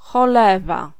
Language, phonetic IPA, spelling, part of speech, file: Polish, [xɔˈlɛva], cholewa, noun / interjection, Pl-cholewa.ogg